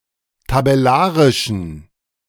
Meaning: inflection of tabellarisch: 1. strong genitive masculine/neuter singular 2. weak/mixed genitive/dative all-gender singular 3. strong/weak/mixed accusative masculine singular 4. strong dative plural
- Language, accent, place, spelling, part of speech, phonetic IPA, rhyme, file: German, Germany, Berlin, tabellarischen, adjective, [tabɛˈlaːʁɪʃn̩], -aːʁɪʃn̩, De-tabellarischen.ogg